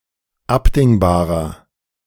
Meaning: inflection of abdingbar: 1. strong/mixed nominative masculine singular 2. strong genitive/dative feminine singular 3. strong genitive plural
- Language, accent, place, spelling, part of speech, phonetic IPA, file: German, Germany, Berlin, abdingbarer, adjective, [ˈapdɪŋbaːʁɐ], De-abdingbarer.ogg